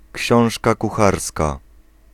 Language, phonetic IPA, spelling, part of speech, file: Polish, [ˈcɕɔ̃w̃ʃka kuˈxarska], książka kucharska, noun, Pl-książka kucharska.ogg